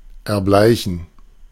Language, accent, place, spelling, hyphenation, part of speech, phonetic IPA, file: German, Germany, Berlin, erbleichen, er‧blei‧chen, verb, [ɛɐ̯ˈblaɪ̯çn̩], De-erbleichen.ogg
- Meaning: 1. to turn pale 2. to die